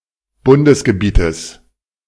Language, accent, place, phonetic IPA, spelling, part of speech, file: German, Germany, Berlin, [ˈbʊndəsɡəˌbiːtəs], Bundesgebietes, noun, De-Bundesgebietes.ogg
- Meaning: genitive singular of Bundesgebiet